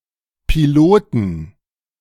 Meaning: 1. genitive singular of Pilot 2. plural of Pilot
- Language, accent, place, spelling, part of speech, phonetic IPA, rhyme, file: German, Germany, Berlin, Piloten, noun, [piˈloːtn̩], -oːtn̩, De-Piloten.ogg